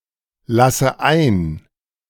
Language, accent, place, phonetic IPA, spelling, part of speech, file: German, Germany, Berlin, [ˌlasə ˈaɪ̯n], lasse ein, verb, De-lasse ein.ogg
- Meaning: inflection of einlassen: 1. first-person singular present 2. first/third-person singular subjunctive I 3. singular imperative